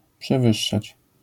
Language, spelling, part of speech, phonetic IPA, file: Polish, przewyższać, verb, [pʃɛˈvɨʃːat͡ɕ], LL-Q809 (pol)-przewyższać.wav